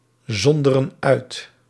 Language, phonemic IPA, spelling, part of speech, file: Dutch, /ˈzɔndərə(n) ˈœyt/, zonderen uit, verb, Nl-zonderen uit.ogg
- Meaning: inflection of uitzonderen: 1. plural present indicative 2. plural present subjunctive